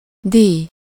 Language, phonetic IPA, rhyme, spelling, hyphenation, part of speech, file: Hungarian, [ˈdiːj], -iːj, díj, díj, noun, Hu-díj.ogg
- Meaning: fee, charge (the amount of money levied for a service)